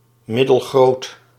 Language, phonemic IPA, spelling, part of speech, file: Dutch, /ˌmɪdəlˈɣrot/, middelgroot, adjective, Nl-middelgroot.ogg
- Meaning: medium-sized